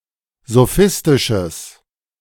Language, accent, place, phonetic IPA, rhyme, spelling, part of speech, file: German, Germany, Berlin, [zoˈfɪstɪʃəs], -ɪstɪʃəs, sophistisches, adjective, De-sophistisches.ogg
- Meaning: strong/mixed nominative/accusative neuter singular of sophistisch